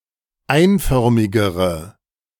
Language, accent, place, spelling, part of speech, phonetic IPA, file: German, Germany, Berlin, einförmigere, adjective, [ˈaɪ̯nˌfœʁmɪɡəʁə], De-einförmigere.ogg
- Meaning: inflection of einförmig: 1. strong/mixed nominative/accusative feminine singular comparative degree 2. strong nominative/accusative plural comparative degree